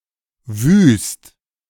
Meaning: 1. desert, desolate 2. messy, chaotic 3. fierce, severe, savage, wild, unrestrained 4. ugly, awful
- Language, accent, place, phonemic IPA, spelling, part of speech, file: German, Germany, Berlin, /vyːst/, wüst, adjective, De-wüst.ogg